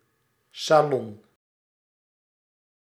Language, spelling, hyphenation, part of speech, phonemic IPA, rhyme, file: Dutch, salon, sa‧lon, noun, /saːˈlɔn/, -ɔn, Nl-salon.ogg
- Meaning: 1. salon, room for receiving guests 2. pub, café or restaurant (often posh or trendy, or in a French context)